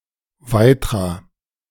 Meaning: a municipality of Lower Austria, Austria
- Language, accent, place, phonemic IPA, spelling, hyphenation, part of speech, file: German, Germany, Berlin, /ˈvaɪ̯tʁa/, Weitra, Wei‧tra, proper noun, De-Weitra.ogg